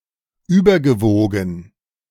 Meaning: past participle of überwiegen
- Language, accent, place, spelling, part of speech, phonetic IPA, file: German, Germany, Berlin, übergewogen, verb, [ˈyːbɐɡəˌvoːɡn̩], De-übergewogen.ogg